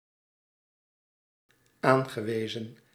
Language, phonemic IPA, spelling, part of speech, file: Dutch, /ˈaŋɣəˌwezə(n)/, aangewezen, adjective / verb, Nl-aangewezen.ogg
- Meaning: past participle of aanwijzen